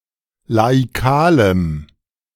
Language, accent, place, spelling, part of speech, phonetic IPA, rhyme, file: German, Germany, Berlin, laikalem, adjective, [laiˈkaːləm], -aːləm, De-laikalem.ogg
- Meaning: strong dative masculine/neuter singular of laikal